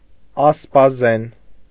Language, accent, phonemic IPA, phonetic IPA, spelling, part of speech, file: Armenian, Eastern Armenian, /ɑspɑˈzen/, [ɑspɑzén], ասպազեն, noun / adjective, Hy-ասպազեն.ogg
- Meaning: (noun) armour of the horse and of the horseman; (adjective) armoured (of horse and the horseman)